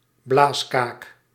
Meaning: blowhard, braggart
- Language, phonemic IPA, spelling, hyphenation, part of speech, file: Dutch, /ˈblaːs.kaːk/, blaaskaak, blaas‧kaak, noun, Nl-blaaskaak.ogg